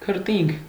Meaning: sweat, perspiration
- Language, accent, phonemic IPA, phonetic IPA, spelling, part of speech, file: Armenian, Eastern Armenian, /kʰəɾˈtinkʰ/, [kʰəɾtíŋkʰ], քրտինք, noun, Hy-քրտինք.ogg